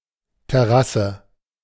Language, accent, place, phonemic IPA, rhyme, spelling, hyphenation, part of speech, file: German, Germany, Berlin, /tɛˈʁasə/, -asə, Terrasse, Ter‧ras‧se, noun, De-Terrasse.ogg
- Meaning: 1. terrace (raised, flat-topped bank of earth with sloping sides) 2. patio, porch, veranda, terrace (platform that extends outwards from a building)